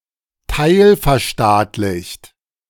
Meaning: partly nationalised
- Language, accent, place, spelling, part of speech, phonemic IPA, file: German, Germany, Berlin, teilverstaatlicht, adjective, /ˈtaɪ̯lfɛɐ̯ˌʃtaːtlɪçt/, De-teilverstaatlicht.ogg